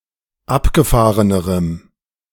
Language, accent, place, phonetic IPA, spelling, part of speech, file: German, Germany, Berlin, [ˈapɡəˌfaːʁənəʁəm], abgefahrenerem, adjective, De-abgefahrenerem.ogg
- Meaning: strong dative masculine/neuter singular comparative degree of abgefahren